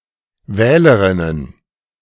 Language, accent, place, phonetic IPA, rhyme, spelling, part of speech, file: German, Germany, Berlin, [ˈvɛːləʁɪnən], -ɛːləʁɪnən, Wählerinnen, noun, De-Wählerinnen.ogg
- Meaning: plural of Wählerin